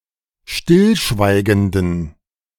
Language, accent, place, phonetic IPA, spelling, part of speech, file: German, Germany, Berlin, [ˈʃtɪlˌʃvaɪ̯ɡəndn̩], stillschweigenden, adjective, De-stillschweigenden.ogg
- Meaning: inflection of stillschweigend: 1. strong genitive masculine/neuter singular 2. weak/mixed genitive/dative all-gender singular 3. strong/weak/mixed accusative masculine singular 4. strong dative plural